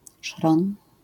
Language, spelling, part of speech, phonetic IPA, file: Polish, szron, noun, [ʃrɔ̃n], LL-Q809 (pol)-szron.wav